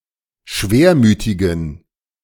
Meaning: inflection of schwermütig: 1. strong genitive masculine/neuter singular 2. weak/mixed genitive/dative all-gender singular 3. strong/weak/mixed accusative masculine singular 4. strong dative plural
- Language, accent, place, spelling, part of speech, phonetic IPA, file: German, Germany, Berlin, schwermütigen, adjective, [ˈʃveːɐ̯ˌmyːtɪɡn̩], De-schwermütigen.ogg